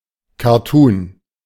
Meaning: cartoon (comic strip)
- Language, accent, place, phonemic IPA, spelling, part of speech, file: German, Germany, Berlin, /kaʁˈtuːn/, Cartoon, noun, De-Cartoon.ogg